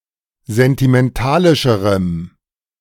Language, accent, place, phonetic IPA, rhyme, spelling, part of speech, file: German, Germany, Berlin, [zɛntimɛnˈtaːlɪʃəʁəm], -aːlɪʃəʁəm, sentimentalischerem, adjective, De-sentimentalischerem.ogg
- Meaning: strong dative masculine/neuter singular comparative degree of sentimentalisch